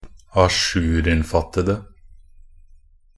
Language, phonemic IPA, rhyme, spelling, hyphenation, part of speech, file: Norwegian Bokmål, /aˈʃʉːrɪnfatədə/, -ədə, ajourinnfattede, a‧jour‧inn‧fatt‧ed‧e, adjective, Nb-ajourinnfattede.ogg
- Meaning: 1. definite singular of ajourinnfattet 2. definite singular of ajourinnfatta 3. plural of ajourinnfattet 4. plural of ajourinnfatta